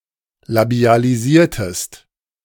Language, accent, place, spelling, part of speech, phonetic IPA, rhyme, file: German, Germany, Berlin, labialisiertest, verb, [labi̯aliˈziːɐ̯təst], -iːɐ̯təst, De-labialisiertest.ogg
- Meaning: inflection of labialisieren: 1. second-person singular preterite 2. second-person singular subjunctive II